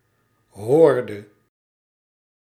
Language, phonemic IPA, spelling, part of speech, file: Dutch, /ˈhɔːrdə/, hoorde, verb, Nl-hoorde.ogg
- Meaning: inflection of horen: 1. singular past indicative 2. singular past subjunctive